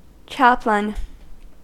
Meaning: A member of a religious body (who is often, although not always, of the clergy) officially assigned to provide pastoral care at an institution, group, private chapel, etc
- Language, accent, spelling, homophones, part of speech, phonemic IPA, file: English, US, chaplain, Chaplin, noun, /ˈt͡ʃæp.lɪn/, En-us-chaplain.ogg